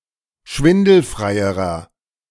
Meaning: inflection of schwindelfrei: 1. strong/mixed nominative masculine singular comparative degree 2. strong genitive/dative feminine singular comparative degree
- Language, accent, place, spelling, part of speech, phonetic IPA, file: German, Germany, Berlin, schwindelfreierer, adjective, [ˈʃvɪndl̩fʁaɪ̯əʁɐ], De-schwindelfreierer.ogg